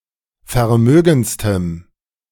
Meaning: strong dative masculine/neuter singular superlative degree of vermögend
- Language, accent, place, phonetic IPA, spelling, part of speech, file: German, Germany, Berlin, [fɛɐ̯ˈmøːɡn̩t͡stəm], vermögendstem, adjective, De-vermögendstem.ogg